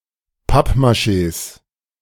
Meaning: 1. genitive singular of Pappmaschee 2. plural of Pappmaschee
- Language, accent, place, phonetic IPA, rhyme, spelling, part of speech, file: German, Germany, Berlin, [ˈpapmaˌʃeːs], -apmaʃeːs, Pappmaschees, noun, De-Pappmaschees.ogg